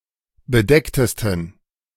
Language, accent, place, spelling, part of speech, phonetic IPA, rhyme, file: German, Germany, Berlin, bedecktesten, adjective, [bəˈdɛktəstn̩], -ɛktəstn̩, De-bedecktesten.ogg
- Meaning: 1. superlative degree of bedeckt 2. inflection of bedeckt: strong genitive masculine/neuter singular superlative degree